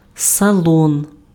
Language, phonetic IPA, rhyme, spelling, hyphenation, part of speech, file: Ukrainian, [sɐˈɫɔn], -ɔn, салон, са‧лон, noun, Uk-салон.ogg
- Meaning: 1. salon 2. saloon, cabin, compartment 3. show, exhibition